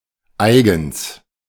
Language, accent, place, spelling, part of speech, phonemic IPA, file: German, Germany, Berlin, eigens, adverb, /aɪ̯ɡəns/, De-eigens.ogg
- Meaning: specifically (just for this purpose)